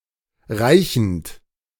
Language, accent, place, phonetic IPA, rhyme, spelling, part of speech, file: German, Germany, Berlin, [ˈʁaɪ̯çn̩t], -aɪ̯çn̩t, reichend, verb, De-reichend.ogg
- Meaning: present participle of reichen